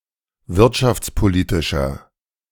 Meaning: inflection of wirtschaftspolitisch: 1. strong/mixed nominative masculine singular 2. strong genitive/dative feminine singular 3. strong genitive plural
- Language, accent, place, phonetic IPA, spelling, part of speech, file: German, Germany, Berlin, [ˈvɪʁtʃaft͡sˌpoˌliːtɪʃɐ], wirtschaftspolitischer, adjective, De-wirtschaftspolitischer.ogg